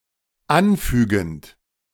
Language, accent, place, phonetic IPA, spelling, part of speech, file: German, Germany, Berlin, [ˈanˌfyːɡn̩t], anfügend, verb, De-anfügend.ogg
- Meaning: present participle of anfügen